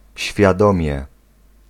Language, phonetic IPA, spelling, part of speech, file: Polish, [ɕfʲjaˈdɔ̃mʲjɛ], świadomie, adverb / noun, Pl-świadomie.ogg